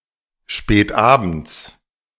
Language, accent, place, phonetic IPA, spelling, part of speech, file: German, Germany, Berlin, [ʃpɛːtˈʔabn̩t͡s], spätabends, adverb, De-spätabends.ogg
- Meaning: late in the evening